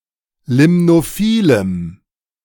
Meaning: strong dative masculine/neuter singular of limnophil
- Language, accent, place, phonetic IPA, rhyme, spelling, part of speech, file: German, Germany, Berlin, [ˌlɪmnoˈfiːləm], -iːləm, limnophilem, adjective, De-limnophilem.ogg